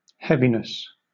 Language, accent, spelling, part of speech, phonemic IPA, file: English, Southern England, heaviness, noun, /ˈhɛvɪnəs/, LL-Q1860 (eng)-heaviness.wav
- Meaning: 1. The state of being heavy; weight, weightiness, force of impact or gravity 2. Oppression; dejectedness, sadness; low spirits 3. Drowsiness